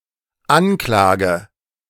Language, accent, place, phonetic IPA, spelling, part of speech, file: German, Germany, Berlin, [ˈanˌklaːɡə], anklage, verb, De-anklage.ogg
- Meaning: inflection of anklagen: 1. first-person singular dependent present 2. first/third-person singular dependent subjunctive I